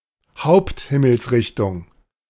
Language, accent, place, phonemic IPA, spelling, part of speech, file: German, Germany, Berlin, /ˈhaʊ̯ptˌhɪml̩sʁɪçtʊŋ/, Haupthimmelsrichtung, noun, De-Haupthimmelsrichtung.ogg
- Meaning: cardinal point (cardinal point)